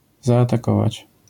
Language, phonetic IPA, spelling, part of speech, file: Polish, [ˌzaːtaˈkɔvat͡ɕ], zaatakować, verb, LL-Q809 (pol)-zaatakować.wav